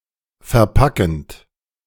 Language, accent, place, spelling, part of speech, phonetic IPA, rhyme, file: German, Germany, Berlin, verpackend, verb, [fɛɐ̯ˈpakn̩t], -akn̩t, De-verpackend.ogg
- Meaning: present participle of verpacken